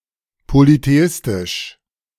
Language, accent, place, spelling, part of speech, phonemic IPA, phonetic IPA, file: German, Germany, Berlin, polytheistisch, adjective, /politeˈɪstɪʃ/, [politeˈʔɪstɪʃ], De-polytheistisch.ogg
- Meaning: polytheistic